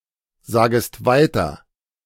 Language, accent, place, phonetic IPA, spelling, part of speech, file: German, Germany, Berlin, [ˌzaːɡəst ˈvaɪ̯tɐ], sagest weiter, verb, De-sagest weiter.ogg
- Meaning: second-person singular subjunctive I of weitersagen